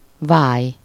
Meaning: 1. to hollow out, scoop (into something: -ba/-be) 2. to deepen
- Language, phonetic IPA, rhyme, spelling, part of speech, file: Hungarian, [ˈvaːj], -aːj, váj, verb, Hu-váj.ogg